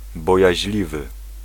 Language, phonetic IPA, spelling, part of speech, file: Polish, [ˌbɔjäʑˈlʲivɨ], bojaźliwy, adjective, Pl-bojaźliwy.ogg